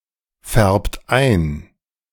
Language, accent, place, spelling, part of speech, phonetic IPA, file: German, Germany, Berlin, färbt ein, verb, [ˌfɛʁpt ˈaɪ̯n], De-färbt ein.ogg
- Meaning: inflection of einfärben: 1. third-person singular present 2. second-person plural present 3. plural imperative